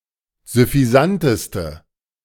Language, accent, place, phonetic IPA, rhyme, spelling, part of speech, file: German, Germany, Berlin, [zʏfiˈzantəstə], -antəstə, süffisanteste, adjective, De-süffisanteste.ogg
- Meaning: inflection of süffisant: 1. strong/mixed nominative/accusative feminine singular superlative degree 2. strong nominative/accusative plural superlative degree